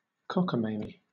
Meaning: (noun) 1. A decal, a design that can be transferred to a surface 2. A foolish or ridiculous person 3. Ridiculousness; folly; foolish nonsense; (adjective) Foolish, ill-considered, silly, unbelievable
- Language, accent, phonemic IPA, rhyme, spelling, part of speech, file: English, Southern England, /ˌkɒk.əˈmeɪ.mi/, -eɪmi, cockamamie, noun / adjective, LL-Q1860 (eng)-cockamamie.wav